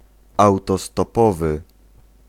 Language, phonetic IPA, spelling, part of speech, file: Polish, [ˌawtɔstɔˈpɔvɨ], autostopowy, adjective, Pl-autostopowy.ogg